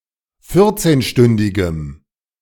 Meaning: strong dative masculine/neuter singular of vierzehnstündig
- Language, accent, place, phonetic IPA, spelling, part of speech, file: German, Germany, Berlin, [ˈfɪʁt͡seːnˌʃtʏndɪɡəm], vierzehnstündigem, adjective, De-vierzehnstündigem.ogg